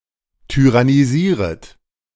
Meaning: second-person plural subjunctive I of tyrannisieren
- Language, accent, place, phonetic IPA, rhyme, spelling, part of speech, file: German, Germany, Berlin, [tyʁaniˈziːʁət], -iːʁət, tyrannisieret, verb, De-tyrannisieret.ogg